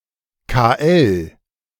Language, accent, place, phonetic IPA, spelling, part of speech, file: German, Germany, Berlin, [kaːˈɛl], KL, abbreviation, De-KL.ogg
- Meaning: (noun) 1. abbreviation of Kursleiter 2. abbreviation of Konzentrationslager (“concentration camp”); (proper noun) abbreviation of Kaiserslautern